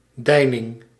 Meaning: 1. swell (of the ocean) 2. unrest
- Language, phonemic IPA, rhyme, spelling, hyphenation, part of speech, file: Dutch, /ˈdɛi̯.nɪŋ/, -ɛi̯nɪŋ, deining, dei‧ning, noun, Nl-deining.ogg